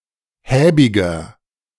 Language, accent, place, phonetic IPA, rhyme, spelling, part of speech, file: German, Germany, Berlin, [ˈhɛːbɪɡɐ], -ɛːbɪɡɐ, häbiger, adjective, De-häbiger.ogg
- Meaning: 1. comparative degree of häbig 2. inflection of häbig: strong/mixed nominative masculine singular 3. inflection of häbig: strong genitive/dative feminine singular